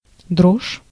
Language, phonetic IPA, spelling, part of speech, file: Russian, [droʂ], дрожь, noun, Ru-дрожь.ogg
- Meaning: 1. trembling, shiver, shivering 2. vibration 3. ripples